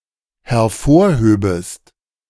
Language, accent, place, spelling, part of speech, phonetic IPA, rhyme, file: German, Germany, Berlin, hervorhöbest, verb, [hɛɐ̯ˈfoːɐ̯ˌhøːbəst], -oːɐ̯høːbəst, De-hervorhöbest.ogg
- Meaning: second-person singular dependent subjunctive II of hervorheben